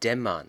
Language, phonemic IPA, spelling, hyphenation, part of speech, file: German, /ˈdɛmɐn/, dämmern, däm‧mern, verb, De-dämmern.ogg
- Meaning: 1. to dawn (of day, morning); to fall (of dusk, evening) 2. to dawn [with dative ‘on’] (to start to appear or be realized) 3. to doze